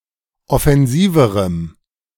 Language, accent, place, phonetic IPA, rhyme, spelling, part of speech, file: German, Germany, Berlin, [ɔfɛnˈziːvəʁəm], -iːvəʁəm, offensiverem, adjective, De-offensiverem.ogg
- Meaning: strong dative masculine/neuter singular comparative degree of offensiv